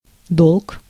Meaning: 1. debt 2. duty, obligation
- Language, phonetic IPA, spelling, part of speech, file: Russian, [doɫk], долг, noun, Ru-долг.ogg